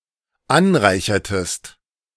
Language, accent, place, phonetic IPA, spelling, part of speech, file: German, Germany, Berlin, [ˈanˌʁaɪ̯çɐtəst], anreichertest, verb, De-anreichertest.ogg
- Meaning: inflection of anreichern: 1. second-person singular dependent preterite 2. second-person singular dependent subjunctive II